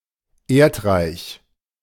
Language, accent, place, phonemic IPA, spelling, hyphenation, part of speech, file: German, Germany, Berlin, /ˈeːɐ̯tˌʁaɪ̯ç/, Erdreich, Erd‧reich, noun, De-Erdreich.ogg
- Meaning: 1. soil, earth 2. earth